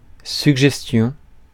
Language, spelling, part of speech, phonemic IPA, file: French, suggestion, noun, /syɡ.ʒɛs.tjɔ̃/, Fr-suggestion.ogg
- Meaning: 1. suggestion; proposal 2. suggestion (psychology, etc.)